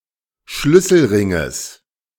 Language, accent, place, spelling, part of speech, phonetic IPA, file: German, Germany, Berlin, Schlüsselringes, noun, [ˈʃlʏsl̩ˌʁɪŋəs], De-Schlüsselringes.ogg
- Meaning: genitive singular of Schlüsselring